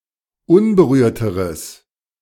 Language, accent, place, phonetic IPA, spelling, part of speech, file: German, Germany, Berlin, [ˈʊnbəˌʁyːɐ̯təʁəs], unberührteres, adjective, De-unberührteres.ogg
- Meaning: strong/mixed nominative/accusative neuter singular comparative degree of unberührt